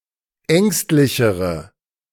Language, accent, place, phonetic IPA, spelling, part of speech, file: German, Germany, Berlin, [ˈɛŋstlɪçəʁə], ängstlichere, adjective, De-ängstlichere.ogg
- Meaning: inflection of ängstlich: 1. strong/mixed nominative/accusative feminine singular comparative degree 2. strong nominative/accusative plural comparative degree